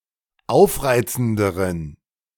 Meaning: inflection of aufreizend: 1. strong genitive masculine/neuter singular comparative degree 2. weak/mixed genitive/dative all-gender singular comparative degree
- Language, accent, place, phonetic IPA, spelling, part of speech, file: German, Germany, Berlin, [ˈaʊ̯fˌʁaɪ̯t͡sn̩dəʁən], aufreizenderen, adjective, De-aufreizenderen.ogg